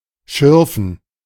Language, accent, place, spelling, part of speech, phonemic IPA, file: German, Germany, Berlin, schürfen, verb, /ˈʃʏʁfn̩/, De-schürfen.ogg
- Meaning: 1. to prospect 2. to dig up 3. to graze (rub or scratch)